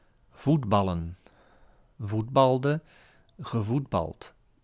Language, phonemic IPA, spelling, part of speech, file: Dutch, /ˈvutbɑlə(n)/, voetballen, verb / noun, Nl-voetballen.ogg
- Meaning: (verb) to play soccer/football; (noun) plural of voetbal